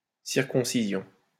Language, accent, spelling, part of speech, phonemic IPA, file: French, France, circoncision, noun, /siʁ.kɔ̃.si.zjɔ̃/, LL-Q150 (fra)-circoncision.wav
- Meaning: circumcision (excising foreskin from penis)